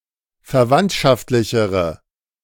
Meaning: inflection of verwandtschaftlich: 1. strong/mixed nominative/accusative feminine singular comparative degree 2. strong nominative/accusative plural comparative degree
- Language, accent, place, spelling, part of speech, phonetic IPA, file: German, Germany, Berlin, verwandtschaftlichere, adjective, [fɛɐ̯ˈvantʃaftlɪçəʁə], De-verwandtschaftlichere.ogg